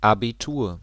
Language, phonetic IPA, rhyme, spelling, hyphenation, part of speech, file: German, [ˌabiˈtuːɐ̯], -uːɐ̯, Abitur, Abi‧tur, noun, De-Abitur.ogg
- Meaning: final exams taken by pupils at the end of their secondary education in Germany and Finland to attain eligibility for all kinds of universities (allgemeine Hochschulreife)